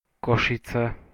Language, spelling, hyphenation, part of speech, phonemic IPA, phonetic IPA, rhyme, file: Slovak, Košice, Ko‧ši‧ce, proper noun, /kɔʃit͡se/, [ˈkɔʃit͡se], -it͡se, Sk-Košice.ogg
- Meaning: Košice (a city in Slovakia)